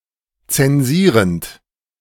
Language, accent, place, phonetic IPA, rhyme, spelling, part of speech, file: German, Germany, Berlin, [t͡sɛnˈziːʁənt], -iːʁənt, zensierend, verb, De-zensierend.ogg
- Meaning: present participle of zensieren